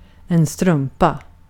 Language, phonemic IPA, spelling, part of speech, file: Swedish, /ˈstrɵmˌpa/, strumpa, noun, Sv-strumpa.ogg
- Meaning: 1. a sock (compare socka) 2. a stocking